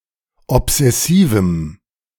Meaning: strong dative masculine/neuter singular of obsessiv
- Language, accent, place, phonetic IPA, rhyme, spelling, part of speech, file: German, Germany, Berlin, [ɔpz̥ɛˈsiːvm̩], -iːvm̩, obsessivem, adjective, De-obsessivem.ogg